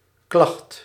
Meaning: complaint (general, also physical)
- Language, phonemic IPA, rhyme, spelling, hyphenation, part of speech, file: Dutch, /klɑxt/, -ɑxt, klacht, klacht, noun, Nl-klacht.ogg